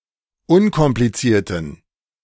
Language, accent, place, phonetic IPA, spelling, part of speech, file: German, Germany, Berlin, [ˈʊnkɔmplit͡siːɐ̯tn̩], unkomplizierten, adjective, De-unkomplizierten.ogg
- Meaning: inflection of unkompliziert: 1. strong genitive masculine/neuter singular 2. weak/mixed genitive/dative all-gender singular 3. strong/weak/mixed accusative masculine singular 4. strong dative plural